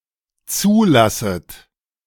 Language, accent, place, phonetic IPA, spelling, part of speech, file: German, Germany, Berlin, [ˈt͡suːˌlasət], zulasset, verb, De-zulasset.ogg
- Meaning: second-person plural dependent subjunctive I of zulassen